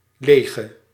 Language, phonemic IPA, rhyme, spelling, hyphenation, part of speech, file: Dutch, /ˈleː.ɣə/, -eːɣə, lege, le‧ge, adjective / verb, Nl-lege.ogg
- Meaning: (adjective) inflection of leeg: 1. masculine/feminine singular attributive 2. definite neuter singular attributive 3. plural attributive; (verb) singular present subjunctive of legen